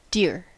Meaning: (adjective) 1. High in price; expensive 2. Loved; lovable 3. Lovely; kind 4. Loving, affectionate, heartfelt 5. Precious to or greatly valued by someone
- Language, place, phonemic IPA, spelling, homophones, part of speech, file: English, California, /dɪɹ/, dear, deer / Deere / dere, adjective / noun / verb / adverb / interjection, En-us-dear.ogg